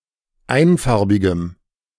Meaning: strong dative masculine/neuter singular of einfarbig
- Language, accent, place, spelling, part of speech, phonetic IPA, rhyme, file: German, Germany, Berlin, einfarbigem, adjective, [ˈaɪ̯nˌfaʁbɪɡəm], -aɪ̯nfaʁbɪɡəm, De-einfarbigem.ogg